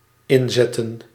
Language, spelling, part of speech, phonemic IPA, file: Dutch, inzetten, verb / noun, /ˈɪnzɛtə(n)/, Nl-inzetten.ogg
- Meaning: 1. to insert 2. to start off 3. to use, to employ 4. place a bet